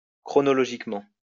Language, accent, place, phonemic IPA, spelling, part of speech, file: French, France, Lyon, /kʁɔ.nɔ.lɔ.ʒik.mɑ̃/, chronologiquement, adverb, LL-Q150 (fra)-chronologiquement.wav
- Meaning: chronologically